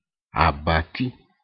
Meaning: 1. bedstead, bedframe 2. bed
- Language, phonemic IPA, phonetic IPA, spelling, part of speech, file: Ewe, /à.bà.tí/, [à.bà.t̪í], abati, noun, Ee-abati.ogg